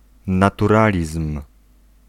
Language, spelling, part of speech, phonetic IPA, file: Polish, naturalizm, noun, [ˌnatuˈralʲism̥], Pl-naturalizm.ogg